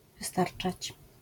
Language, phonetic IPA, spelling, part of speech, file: Polish, [vɨˈstart͡ʃat͡ɕ], wystarczać, verb, LL-Q809 (pol)-wystarczać.wav